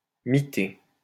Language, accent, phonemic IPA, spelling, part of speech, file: French, France, /mi.te/, miter, verb, LL-Q150 (fra)-miter.wav
- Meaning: 1. to be eaten by mites or moths 2. to construct buildings in an unregulated pattern